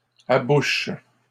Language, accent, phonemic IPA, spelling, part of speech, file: French, Canada, /a.buʃ/, abouche, verb, LL-Q150 (fra)-abouche.wav
- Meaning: inflection of aboucher: 1. first/third-person singular present indicative/subjunctive 2. second-person singular imperative